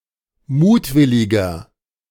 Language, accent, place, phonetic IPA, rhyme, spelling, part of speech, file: German, Germany, Berlin, [ˈmuːtˌvɪlɪɡɐ], -uːtvɪlɪɡɐ, mutwilliger, adjective, De-mutwilliger.ogg
- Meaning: 1. comparative degree of mutwillig 2. inflection of mutwillig: strong/mixed nominative masculine singular 3. inflection of mutwillig: strong genitive/dative feminine singular